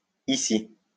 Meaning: 1. archaic spelling of ici 2. misspelling of ici
- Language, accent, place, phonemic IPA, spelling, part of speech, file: French, France, Lyon, /i.si/, içi, adverb, LL-Q150 (fra)-içi.wav